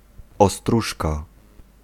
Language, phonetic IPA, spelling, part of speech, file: Polish, [ɔˈstruʃka], ostróżka, noun, Pl-ostróżka.ogg